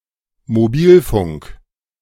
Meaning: mobile / cellular telephony
- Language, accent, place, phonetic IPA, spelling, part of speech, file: German, Germany, Berlin, [moˈbiːlˌfʊŋk], Mobilfunk, noun, De-Mobilfunk.ogg